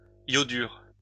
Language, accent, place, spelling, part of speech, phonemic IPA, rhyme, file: French, France, Lyon, iodure, noun, /jɔ.dyʁ/, -yʁ, LL-Q150 (fra)-iodure.wav
- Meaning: iodide